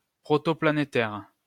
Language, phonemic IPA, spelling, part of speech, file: French, /pla.ne.tɛʁ/, planétaire, adjective / noun, LL-Q150 (fra)-planétaire.wav
- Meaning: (adjective) 1. planetary 2. worldwide, global; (noun) 1. orrery 2. epicyclic gear, planetary gear